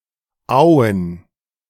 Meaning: Owen (a town in Baden-Württemberg, Germany)
- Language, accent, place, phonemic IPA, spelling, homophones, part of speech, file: German, Germany, Berlin, /ˈaʊ̯ən/, Owen, Auen, proper noun, De-Owen.ogg